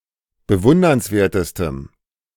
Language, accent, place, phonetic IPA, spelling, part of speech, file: German, Germany, Berlin, [bəˈvʊndɐnsˌveːɐ̯təstəm], bewundernswertestem, adjective, De-bewundernswertestem.ogg
- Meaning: strong dative masculine/neuter singular superlative degree of bewundernswert